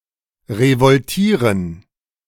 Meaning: to revolt
- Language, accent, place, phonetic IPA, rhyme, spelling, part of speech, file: German, Germany, Berlin, [ʁevɔlˈtiːʁən], -iːʁən, revoltieren, verb, De-revoltieren.ogg